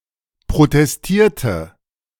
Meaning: inflection of protestieren: 1. first/third-person singular preterite 2. first/third-person singular subjunctive II
- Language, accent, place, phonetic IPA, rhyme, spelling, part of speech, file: German, Germany, Berlin, [pʁotɛsˈtiːɐ̯tə], -iːɐ̯tə, protestierte, verb, De-protestierte.ogg